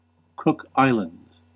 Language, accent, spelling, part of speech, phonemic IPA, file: English, US, Cook Islands, proper noun, /ˈkʊk ˈaɪ̯.ləndz/, En-us-Cook Islands.ogg
- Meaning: An archipelago and self-governing country in Oceania, in free association with New Zealand